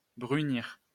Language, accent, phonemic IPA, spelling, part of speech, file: French, France, /bʁy.niʁ/, brunir, verb, LL-Q150 (fra)-brunir.wav
- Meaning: 1. to brown (to become brown) 2. to burnish (to polish gold or silver etc)